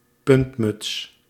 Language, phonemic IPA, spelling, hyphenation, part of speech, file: Dutch, /ˈpʏnt.mʏts/, puntmuts, punt‧muts, noun, Nl-puntmuts.ogg
- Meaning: a pointed cap